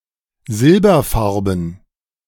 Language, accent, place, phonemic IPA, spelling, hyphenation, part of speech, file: German, Germany, Berlin, /ˈzɪl.bɐ.ˌfaʁ.bn̩/, silberfarben, sil‧ber‧far‧ben, adjective, De-silberfarben.ogg
- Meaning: silver-coloured, silvery